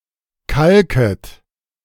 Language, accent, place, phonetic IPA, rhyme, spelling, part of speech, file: German, Germany, Berlin, [ˈkalkət], -alkət, kalket, verb, De-kalket.ogg
- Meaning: second-person plural subjunctive I of kalken